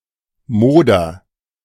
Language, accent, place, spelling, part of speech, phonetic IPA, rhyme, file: German, Germany, Berlin, moder, verb, [ˈmoːdɐ], -oːdɐ, De-moder.ogg
- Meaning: inflection of modern: 1. first-person singular present 2. singular imperative